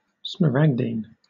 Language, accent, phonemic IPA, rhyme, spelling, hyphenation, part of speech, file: English, Southern England, /sməˈɹæɡdiːn/, -æɡdiːn, smaragdine, sma‧rag‧dine, noun / adjective, LL-Q1860 (eng)-smaragdine.wav
- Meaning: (noun) Emerald; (adjective) 1. Of or pertaining to emeralds 2. Having the colour of emeralds